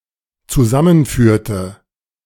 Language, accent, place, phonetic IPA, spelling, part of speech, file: German, Germany, Berlin, [t͡suˈzamənˌfyːɐ̯tə], zusammenführte, verb, De-zusammenführte.ogg
- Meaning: inflection of zusammenführen: 1. first/third-person singular dependent preterite 2. first/third-person singular dependent subjunctive II